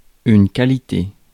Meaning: quality
- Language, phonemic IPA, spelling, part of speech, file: French, /ka.li.te/, qualité, noun, Fr-qualité.ogg